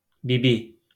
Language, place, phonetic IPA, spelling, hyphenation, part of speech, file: Azerbaijani, Baku, [biˈbi], bibi, bi‧bi, noun, LL-Q9292 (aze)-bibi.wav
- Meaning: paternal aunt ("sister of one's father")